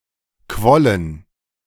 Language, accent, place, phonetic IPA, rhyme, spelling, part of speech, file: German, Germany, Berlin, [ˈkvɔlən], -ɔlən, quollen, verb, De-quollen.ogg
- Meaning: first/third-person plural preterite of quellen